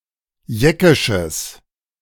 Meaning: strong/mixed nominative/accusative neuter singular of jeckisch
- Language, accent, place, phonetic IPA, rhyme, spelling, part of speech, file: German, Germany, Berlin, [ˈjɛkɪʃəs], -ɛkɪʃəs, jeckisches, adjective, De-jeckisches.ogg